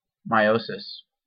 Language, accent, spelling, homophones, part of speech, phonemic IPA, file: English, US, meiosis, miosis, noun, /maɪˈoʊ.sɪs/, En-us-meiosis.ogg
- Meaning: A figure of speech in which something is presented as smaller or less significant than it actually appears